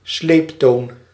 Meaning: long level tone
- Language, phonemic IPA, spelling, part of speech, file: Dutch, /ˈsleːptoːn/, sleeptoon, noun, Nl-sleeptoon.ogg